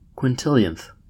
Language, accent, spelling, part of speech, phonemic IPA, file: English, US, quintillionth, adjective / noun, /kwɪnˈtɪl.i.ənθ/, En-us-quintillionth.ogg
- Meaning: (adjective) The ordinal form of the number one quintillion; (noun) 1. The person or thing in the quintillionth position 2. One of a quintillion equal parts of a whole